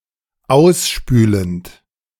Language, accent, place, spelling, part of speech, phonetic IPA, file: German, Germany, Berlin, ausspülend, verb, [ˈaʊ̯sˌʃpyːlənt], De-ausspülend.ogg
- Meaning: present participle of ausspülen